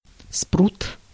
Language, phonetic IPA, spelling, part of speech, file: Russian, [sprut], спрут, noun, Ru-спрут.ogg
- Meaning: 1. cephalopod 2. a network of something dangerous